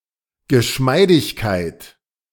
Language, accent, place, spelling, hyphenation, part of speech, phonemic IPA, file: German, Germany, Berlin, Geschmeidigkeit, Ge‧schmei‧dig‧keit, noun, /ɡəˈʃmaɪ̯dɪçkaɪ̯t/, De-Geschmeidigkeit.ogg
- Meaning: pliability, suppleness